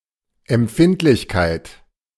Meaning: 1. sensitivity, sensibility 2. speed (of film)
- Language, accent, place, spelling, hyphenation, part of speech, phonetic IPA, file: German, Germany, Berlin, Empfindlichkeit, Emp‧find‧lich‧keit, noun, [ɛmˈp͡fɪntlɪçkaɪ̯t], De-Empfindlichkeit.ogg